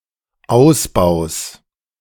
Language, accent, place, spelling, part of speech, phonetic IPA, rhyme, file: German, Germany, Berlin, Ausbaus, noun, [ˈaʊ̯sˌbaʊ̯s], -aʊ̯sbaʊ̯s, De-Ausbaus.ogg
- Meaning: genitive of Ausbau